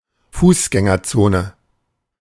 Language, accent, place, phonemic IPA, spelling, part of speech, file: German, Germany, Berlin, /ˈfuːsɡɛŋɐˌtsoːnə/, Fußgängerzone, noun, De-Fußgängerzone.ogg
- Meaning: pedestrian zone